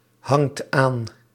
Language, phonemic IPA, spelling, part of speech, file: Dutch, /ˈhɑŋt ˈan/, hangt aan, verb, Nl-hangt aan.ogg
- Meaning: inflection of aanhangen: 1. second/third-person singular present indicative 2. plural imperative